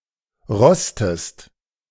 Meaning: inflection of rosten: 1. second-person singular present 2. second-person singular subjunctive I
- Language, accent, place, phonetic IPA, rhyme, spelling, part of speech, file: German, Germany, Berlin, [ˈʁɔstəst], -ɔstəst, rostest, verb, De-rostest.ogg